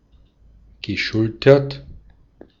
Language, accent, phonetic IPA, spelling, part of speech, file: German, Austria, [ɡəˈʃʊltɐt], geschultert, verb, De-at-geschultert.ogg
- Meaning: past participle of schultern